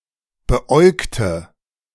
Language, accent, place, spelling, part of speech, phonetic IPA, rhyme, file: German, Germany, Berlin, beäugte, adjective / verb, [bəˈʔɔɪ̯ktə], -ɔɪ̯ktə, De-beäugte.ogg
- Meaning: inflection of beäugen: 1. first/third-person singular preterite 2. first/third-person singular subjunctive II